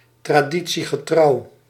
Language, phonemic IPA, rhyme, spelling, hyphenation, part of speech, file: Dutch, /traːˌdi.(t)si.ɣəˈtrɑu̯/, -ɑu̯, traditiegetrouw, tra‧di‧tie‧ge‧trouw, adverb / adjective, Nl-traditiegetrouw.ogg
- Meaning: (adverb) true to tradition, observing tradition